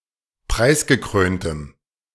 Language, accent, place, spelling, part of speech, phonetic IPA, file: German, Germany, Berlin, preisgekröntem, adjective, [ˈpʁaɪ̯sɡəˌkʁøːntəm], De-preisgekröntem.ogg
- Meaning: strong dative masculine/neuter singular of preisgekrönt